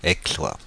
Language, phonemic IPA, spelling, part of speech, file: French, /ɛk.swa/, Aixois, noun, Fr-Aixois.ogg
- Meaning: resident or native of any of the towns/cities in France with the name Aix